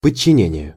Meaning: 1. submission, subjecting 2. subjection 3. subordination
- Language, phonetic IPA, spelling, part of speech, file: Russian, [pət͡ɕːɪˈnʲenʲɪje], подчинение, noun, Ru-подчинение.ogg